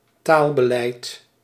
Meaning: language policy
- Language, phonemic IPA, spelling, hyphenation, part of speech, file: Dutch, /ˈtaːl.bəˌlɛi̯t/, taalbeleid, taal‧be‧leid, noun, Nl-taalbeleid.ogg